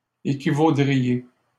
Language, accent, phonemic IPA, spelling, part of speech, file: French, Canada, /e.ki.vo.dʁi.je/, équivaudriez, verb, LL-Q150 (fra)-équivaudriez.wav
- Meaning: second-person plural conditional of équivaloir